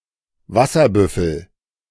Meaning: 1. water buffalo (large ungulate) 2. a motorcycle Suzuki GT 750
- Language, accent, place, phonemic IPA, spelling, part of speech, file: German, Germany, Berlin, /ˈvasɐˌbʏfəl/, Wasserbüffel, noun, De-Wasserbüffel.ogg